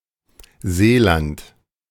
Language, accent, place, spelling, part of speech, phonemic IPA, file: German, Germany, Berlin, Seeland, proper noun, /ˈzeːlant/, De-Seeland.ogg
- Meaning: 1. Zealand (Danish island) 2. Zeeland, Zealand (Dutch province) 3. Sealand (Principality of Sealand)